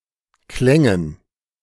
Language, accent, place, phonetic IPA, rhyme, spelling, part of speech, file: German, Germany, Berlin, [ˈklɛŋən], -ɛŋən, Klängen, noun, De-Klängen.ogg
- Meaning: dative plural of Klang